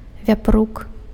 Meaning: boar
- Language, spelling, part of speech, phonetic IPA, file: Belarusian, вяпрук, noun, [vʲaˈpruk], Be-вяпрук.ogg